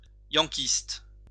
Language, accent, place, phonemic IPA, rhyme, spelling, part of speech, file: French, France, Lyon, /jɑ̃.kist/, -ist, yankiste, adjective, LL-Q150 (fra)-yankiste.wav
- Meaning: Yankee; American